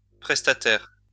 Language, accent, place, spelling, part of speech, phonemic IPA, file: French, France, Lyon, prestataire, noun, /pʁɛs.ta.tɛʁ/, LL-Q150 (fra)-prestataire.wav
- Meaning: 1. a provider (of a service), an agent 2. a beneficiary or user of a service